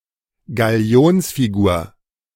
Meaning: figurehead
- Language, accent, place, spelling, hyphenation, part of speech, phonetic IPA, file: German, Germany, Berlin, Galionsfigur, Ga‧li‧ons‧fi‧gur, noun, [ɡaˈli̯oːnsfiˌɡuːɐ̯], De-Galionsfigur.ogg